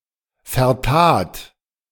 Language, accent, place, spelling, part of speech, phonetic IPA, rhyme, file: German, Germany, Berlin, vertat, verb, [fɛɐ̯ˈtaːt], -aːt, De-vertat.ogg
- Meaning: first/third-person singular preterite of vertun